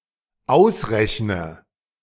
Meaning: inflection of ausrechnen: 1. first-person singular dependent present 2. first/third-person singular dependent subjunctive I
- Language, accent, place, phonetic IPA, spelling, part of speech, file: German, Germany, Berlin, [ˈaʊ̯sˌʁɛçnə], ausrechne, verb, De-ausrechne.ogg